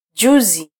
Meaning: 1. day before yesterday 2. a few days ago
- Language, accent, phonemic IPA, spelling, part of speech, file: Swahili, Kenya, /ˈʄu.zi/, juzi, adverb, Sw-ke-juzi.flac